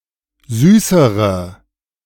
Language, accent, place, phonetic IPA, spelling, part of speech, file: German, Germany, Berlin, [ˈzyːsəʁə], süßere, adjective, De-süßere.ogg
- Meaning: inflection of süß: 1. strong/mixed nominative/accusative feminine singular comparative degree 2. strong nominative/accusative plural comparative degree